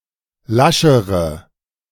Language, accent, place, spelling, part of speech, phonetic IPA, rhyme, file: German, Germany, Berlin, laschere, adjective, [ˈlaʃəʁə], -aʃəʁə, De-laschere.ogg
- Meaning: inflection of lasch: 1. strong/mixed nominative/accusative feminine singular comparative degree 2. strong nominative/accusative plural comparative degree